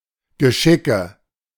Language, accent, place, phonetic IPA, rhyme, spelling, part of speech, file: German, Germany, Berlin, [ɡəˈʃɪkə], -ɪkə, Geschicke, noun, De-Geschicke.ogg
- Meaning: nominative/accusative/genitive plural of Geschick